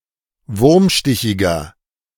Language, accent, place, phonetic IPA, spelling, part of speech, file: German, Germany, Berlin, [ˈvʊʁmˌʃtɪçɪɡɐ], wurmstichiger, adjective, De-wurmstichiger.ogg
- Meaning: 1. comparative degree of wurmstichig 2. inflection of wurmstichig: strong/mixed nominative masculine singular 3. inflection of wurmstichig: strong genitive/dative feminine singular